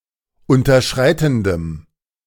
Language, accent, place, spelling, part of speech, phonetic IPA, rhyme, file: German, Germany, Berlin, unterschreitendem, adjective, [ˌʊntɐˈʃʁaɪ̯tn̩dəm], -aɪ̯tn̩dəm, De-unterschreitendem.ogg
- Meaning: strong dative masculine/neuter singular of unterschreitend